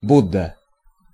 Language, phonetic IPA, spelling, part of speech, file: Russian, [ˈbudːə], Будда, proper noun, Ru-Будда.ogg
- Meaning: Buddha